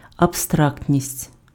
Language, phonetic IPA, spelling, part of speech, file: Ukrainian, [ɐbˈstraktʲnʲisʲtʲ], абстрактність, noun, Uk-абстрактність.ogg
- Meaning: abstractness, abstraction